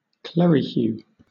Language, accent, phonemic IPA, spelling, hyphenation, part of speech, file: English, Southern England, /ˈklɛɹɨˌhjuː/, clerihew, cle‧ri‧hew, noun, LL-Q1860 (eng)-clerihew.wav
- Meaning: A humorous rhyme of four lines with the rhyming scheme AABB, usually regarding a person mentioned in the first line